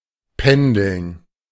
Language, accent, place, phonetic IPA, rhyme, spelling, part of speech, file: German, Germany, Berlin, [ˈpɛndl̩n], -ɛndl̩n, pendeln, verb, De-pendeln.ogg
- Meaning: 1. to oscillate (move back and forth) 2. to commute across municipal boundaries